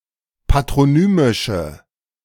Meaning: inflection of patronymisch: 1. strong/mixed nominative/accusative feminine singular 2. strong nominative/accusative plural 3. weak nominative all-gender singular
- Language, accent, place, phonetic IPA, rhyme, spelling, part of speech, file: German, Germany, Berlin, [patʁoˈnyːmɪʃə], -yːmɪʃə, patronymische, adjective, De-patronymische.ogg